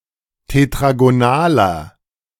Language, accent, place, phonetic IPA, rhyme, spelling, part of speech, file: German, Germany, Berlin, [tetʁaɡoˈnaːlɐ], -aːlɐ, tetragonaler, adjective, De-tetragonaler.ogg
- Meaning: inflection of tetragonal: 1. strong/mixed nominative masculine singular 2. strong genitive/dative feminine singular 3. strong genitive plural